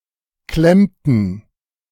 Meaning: inflection of klemmen: 1. first/third-person plural preterite 2. first/third-person plural subjunctive II
- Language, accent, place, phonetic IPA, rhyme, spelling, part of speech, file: German, Germany, Berlin, [ˈklɛmtn̩], -ɛmtn̩, klemmten, verb, De-klemmten.ogg